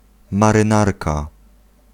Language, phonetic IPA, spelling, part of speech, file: Polish, [ˌmarɨ̃ˈnarka], marynarka, noun, Pl-marynarka.ogg